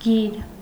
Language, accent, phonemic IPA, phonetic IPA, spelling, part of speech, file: Armenian, Eastern Armenian, /ɡiɾ/, [ɡiɾ], գիր, noun, Hy-գիր.ogg
- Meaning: 1. letter (symbol in an alphabet) 2. script, writing system 3. document 4. tail (of a coin)